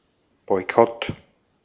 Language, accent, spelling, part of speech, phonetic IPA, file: German, Austria, Boykott, noun, [ˌbɔɪ̯ˈkɔt], De-at-Boykott.ogg
- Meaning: boycott